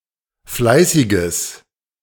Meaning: strong/mixed nominative/accusative neuter singular of fleißig
- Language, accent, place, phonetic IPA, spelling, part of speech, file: German, Germany, Berlin, [ˈflaɪ̯sɪɡəs], fleißiges, adjective, De-fleißiges.ogg